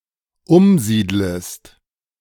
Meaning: second-person singular dependent subjunctive I of umsiedeln
- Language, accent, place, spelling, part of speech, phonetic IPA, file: German, Germany, Berlin, umsiedlest, verb, [ˈʊmˌziːdləst], De-umsiedlest.ogg